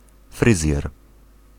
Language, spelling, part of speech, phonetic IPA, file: Polish, fryzjer, noun, [ˈfrɨzʲjɛr], Pl-fryzjer.ogg